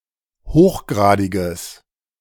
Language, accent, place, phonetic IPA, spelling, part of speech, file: German, Germany, Berlin, [ˈhoːxˌɡʁaːdɪɡəs], hochgradiges, adjective, De-hochgradiges.ogg
- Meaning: strong/mixed nominative/accusative neuter singular of hochgradig